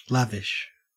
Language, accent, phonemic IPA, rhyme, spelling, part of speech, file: English, Australia, /ˈlævɪʃ/, -ævɪʃ, lavish, adjective / verb / noun, En-au-lavish.ogg
- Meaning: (adjective) 1. Expending or bestowing profusely; profuse; prodigal 2. Superabundant; excessive 3. Unrestrained, impetuous 4. Rank or lush with vegetation